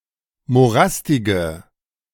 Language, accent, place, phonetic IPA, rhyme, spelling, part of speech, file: German, Germany, Berlin, [moˈʁastɪɡə], -astɪɡə, morastige, adjective, De-morastige.ogg
- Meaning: inflection of morastig: 1. strong/mixed nominative/accusative feminine singular 2. strong nominative/accusative plural 3. weak nominative all-gender singular